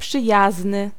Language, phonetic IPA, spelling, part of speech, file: Polish, [pʃɨˈjaznɨ], przyjazny, adjective, Pl-przyjazny.ogg